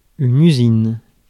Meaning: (noun) 1. factory 2. mill 3. works; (verb) inflection of usiner: 1. first/third-person singular present indicative/subjunctive 2. second-person singular imperative
- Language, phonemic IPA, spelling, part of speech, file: French, /y.zin/, usine, noun / verb, Fr-usine.ogg